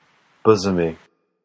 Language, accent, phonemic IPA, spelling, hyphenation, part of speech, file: English, General American, /ˈbʊzəmi/, bosomy, bo‧somy, adjective, En-us-bosomy.flac
- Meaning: 1. Full of sheltered hollows or recesses 2. Having a large bosom